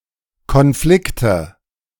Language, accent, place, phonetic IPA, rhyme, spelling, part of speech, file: German, Germany, Berlin, [kɔnˈflɪktə], -ɪktə, Konflikte, noun, De-Konflikte.ogg
- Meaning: nominative/accusative/genitive plural of Konflikt